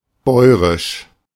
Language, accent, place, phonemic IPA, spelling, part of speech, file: German, Germany, Berlin, /ˈbɔɪ̯ʁɪʃ/, bäurisch, adjective, De-bäurisch.ogg
- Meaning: boorish